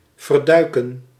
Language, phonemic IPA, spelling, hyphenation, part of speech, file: Dutch, /ˌvərˈdœy̯kə(n)/, verduiken, ver‧dui‧ken, verb, Nl-verduiken.ogg
- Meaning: 1. to dive away 2. to hide, to keep secret